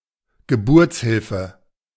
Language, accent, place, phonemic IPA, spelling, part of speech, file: German, Germany, Berlin, /ɡəˈbʊʁt͡sˌhɪlfə/, Geburtshilfe, noun, De-Geburtshilfe.ogg
- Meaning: obstetrics (care of women during and after pregnancy)